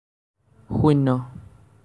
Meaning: zero
- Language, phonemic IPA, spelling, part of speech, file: Assamese, /xuin.nɔ/, শূন্য, numeral, As-শূন্য.ogg